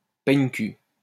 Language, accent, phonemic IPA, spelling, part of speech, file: French, France, /pɛɲ.ky/, peigne-cul, noun, LL-Q150 (fra)-peigne-cul.wav
- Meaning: asshole, jerk